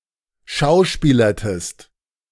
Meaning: inflection of schauspielern: 1. second-person singular preterite 2. second-person singular subjunctive II
- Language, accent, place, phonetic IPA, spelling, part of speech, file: German, Germany, Berlin, [ˈʃaʊ̯ˌʃpiːlɐtəst], schauspielertest, verb, De-schauspielertest.ogg